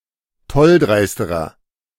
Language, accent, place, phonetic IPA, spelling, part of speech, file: German, Germany, Berlin, [ˈtɔlˌdʁaɪ̯stəʁɐ], tolldreisterer, adjective, De-tolldreisterer.ogg
- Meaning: inflection of tolldreist: 1. strong/mixed nominative masculine singular comparative degree 2. strong genitive/dative feminine singular comparative degree 3. strong genitive plural comparative degree